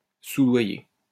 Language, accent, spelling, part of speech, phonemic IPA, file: French, France, soudoyer, verb, /su.dwa.je/, LL-Q150 (fra)-soudoyer.wav
- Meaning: to bribe